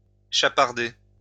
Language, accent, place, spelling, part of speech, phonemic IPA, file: French, France, Lyon, chaparder, verb, /ʃa.paʁ.de/, LL-Q150 (fra)-chaparder.wav
- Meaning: to pinch, pilfer